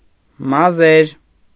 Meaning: nominative plural of մազ (maz)
- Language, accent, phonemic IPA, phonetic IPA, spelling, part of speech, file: Armenian, Eastern Armenian, /mɑˈzeɾ/, [mɑzéɾ], մազեր, noun, Hy-մազեր.ogg